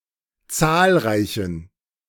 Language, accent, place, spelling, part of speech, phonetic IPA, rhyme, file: German, Germany, Berlin, zahlreichen, adjective, [ˈt͡saːlˌʁaɪ̯çn̩], -aːlʁaɪ̯çn̩, De-zahlreichen.ogg
- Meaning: inflection of zahlreich: 1. strong genitive masculine/neuter singular 2. weak/mixed genitive/dative all-gender singular 3. strong/weak/mixed accusative masculine singular 4. strong dative plural